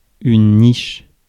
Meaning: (noun) 1. niche 2. kennel (house or shelter for a dog); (verb) inflection of nicher: 1. first/third-person singular present indicative/subjunctive 2. second-person singular imperative
- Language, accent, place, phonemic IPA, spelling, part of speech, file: French, France, Paris, /niʃ/, niche, noun / verb, Fr-niche.ogg